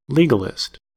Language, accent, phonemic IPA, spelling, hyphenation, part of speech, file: English, US, /ˈli.ɡə.lɪst/, legalist, le‧ga‧list, adjective / noun, En-us-legalist.ogg
- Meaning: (adjective) Of or related to legalism, in its various senses; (noun) One who adheres to legalism, in its various senses